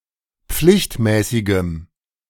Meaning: strong dative masculine/neuter singular of pflichtmäßig
- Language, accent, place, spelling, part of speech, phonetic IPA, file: German, Germany, Berlin, pflichtmäßigem, adjective, [ˈp͡flɪçtˌmɛːsɪɡəm], De-pflichtmäßigem.ogg